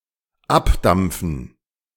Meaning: 1. to evaporate off 2. to depart, steam off (of steam-powered vehicles)
- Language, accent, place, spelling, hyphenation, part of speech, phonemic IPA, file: German, Germany, Berlin, abdampfen, ab‧damp‧fen, verb, /ˈapˌdamp͡fn̩/, De-abdampfen.ogg